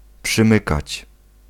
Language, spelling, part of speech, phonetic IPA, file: Polish, przymykać, verb, [pʃɨ̃ˈmɨkat͡ɕ], Pl-przymykać.ogg